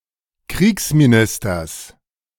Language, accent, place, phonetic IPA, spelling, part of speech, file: German, Germany, Berlin, [ˈkʁiːksmiˌnɪstɐs], Kriegsministers, noun, De-Kriegsministers.ogg
- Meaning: genitive of Kriegsminister